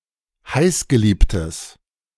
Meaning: strong/mixed nominative/accusative neuter singular of heißgeliebt
- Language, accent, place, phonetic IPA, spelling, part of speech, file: German, Germany, Berlin, [ˈhaɪ̯sɡəˌliːptəs], heißgeliebtes, adjective, De-heißgeliebtes.ogg